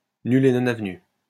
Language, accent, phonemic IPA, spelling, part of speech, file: French, France, /ny.l‿e nɔ.n‿av.ny/, nul et non avenu, adjective, LL-Q150 (fra)-nul et non avenu.wav
- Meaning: null and void